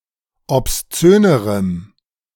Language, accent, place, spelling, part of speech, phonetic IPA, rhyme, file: German, Germany, Berlin, obszönerem, adjective, [ɔpsˈt͡søːnəʁəm], -øːnəʁəm, De-obszönerem.ogg
- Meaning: strong dative masculine/neuter singular comparative degree of obszön